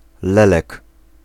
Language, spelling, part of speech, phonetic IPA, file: Polish, lelek, noun, [ˈlɛlɛk], Pl-lelek.ogg